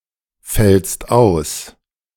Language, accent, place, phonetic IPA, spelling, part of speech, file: German, Germany, Berlin, [ˌfɛlst ˈaʊ̯s], fällst aus, verb, De-fällst aus.ogg
- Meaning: second-person singular present of ausfallen